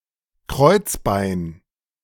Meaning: sacrum (bone at the base of the spine)
- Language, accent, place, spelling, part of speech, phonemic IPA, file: German, Germany, Berlin, Kreuzbein, noun, /ˈkʁɔɪ̯tsˌbaɪ̯n/, De-Kreuzbein.ogg